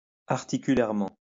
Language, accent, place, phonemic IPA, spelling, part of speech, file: French, France, Lyon, /aʁ.ti.ky.lɛʁ.mɑ̃/, articulairement, adverb, LL-Q150 (fra)-articulairement.wav
- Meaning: articularly